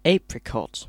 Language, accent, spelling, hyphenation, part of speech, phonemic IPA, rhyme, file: English, UK, apricot, apri‧cot, noun / adjective, /ˈeɪ.pɹɪ.kɒt/, -ɒt, En-uk-apricot.ogg
- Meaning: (noun) 1. A round sweet and juicy stone fruit, resembling peach or plum in taste, with a yellow-orange flesh, lightly fuzzy skin and a large seed inside 2. The apricot tree, Prunus armeniaca